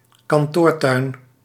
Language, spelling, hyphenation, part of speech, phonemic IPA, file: Dutch, kantoortuin, kan‧toor‧tuin, noun, /kɑnˈtoːrˌtœy̯n/, Nl-kantoortuin.ogg
- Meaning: office landscape